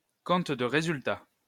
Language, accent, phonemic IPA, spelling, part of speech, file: French, France, /kɔ̃t də ʁe.zyl.ta/, compte de résultat, noun, LL-Q150 (fra)-compte de résultat.wav
- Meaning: income statement, P&L statement